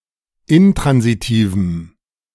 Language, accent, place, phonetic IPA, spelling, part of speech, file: German, Germany, Berlin, [ˈɪntʁanziˌtiːvm̩], intransitivem, adjective, De-intransitivem.ogg
- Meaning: strong dative masculine/neuter singular of intransitiv